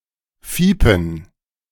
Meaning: 1. to cheep 2. to whimper
- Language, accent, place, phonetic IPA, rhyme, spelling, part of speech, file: German, Germany, Berlin, [ˈfiːpn̩], -iːpn̩, fiepen, verb, De-fiepen.ogg